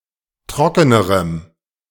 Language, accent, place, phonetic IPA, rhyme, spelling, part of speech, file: German, Germany, Berlin, [ˈtʁɔkənəʁəm], -ɔkənəʁəm, trockenerem, adjective, De-trockenerem.ogg
- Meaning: strong dative masculine/neuter singular comparative degree of trocken